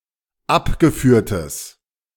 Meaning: strong/mixed nominative/accusative neuter singular of abgeführt
- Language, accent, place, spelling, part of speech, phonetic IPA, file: German, Germany, Berlin, abgeführtes, adjective, [ˈapɡəˌfyːɐ̯təs], De-abgeführtes.ogg